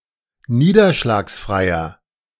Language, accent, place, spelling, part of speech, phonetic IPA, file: German, Germany, Berlin, niederschlagsfreier, adjective, [ˈniːdɐʃlaːksˌfʁaɪ̯ɐ], De-niederschlagsfreier.ogg
- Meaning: inflection of niederschlagsfrei: 1. strong/mixed nominative masculine singular 2. strong genitive/dative feminine singular 3. strong genitive plural